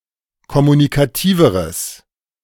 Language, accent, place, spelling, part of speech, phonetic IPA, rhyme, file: German, Germany, Berlin, kommunikativeres, adjective, [kɔmunikaˈtiːvəʁəs], -iːvəʁəs, De-kommunikativeres.ogg
- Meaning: strong/mixed nominative/accusative neuter singular comparative degree of kommunikativ